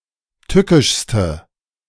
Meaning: inflection of tückisch: 1. strong/mixed nominative/accusative feminine singular superlative degree 2. strong nominative/accusative plural superlative degree
- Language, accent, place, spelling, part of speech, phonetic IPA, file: German, Germany, Berlin, tückischste, adjective, [ˈtʏkɪʃstə], De-tückischste.ogg